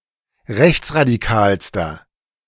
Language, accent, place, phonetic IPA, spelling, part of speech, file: German, Germany, Berlin, [ˈʁɛçt͡sʁadiˌkaːlstɐ], rechtsradikalster, adjective, De-rechtsradikalster.ogg
- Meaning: inflection of rechtsradikal: 1. strong/mixed nominative masculine singular superlative degree 2. strong genitive/dative feminine singular superlative degree